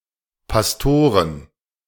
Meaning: plural of Pastor
- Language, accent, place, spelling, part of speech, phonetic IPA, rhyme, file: German, Germany, Berlin, Pastoren, noun, [pasˈtoːʁən], -oːʁən, De-Pastoren.ogg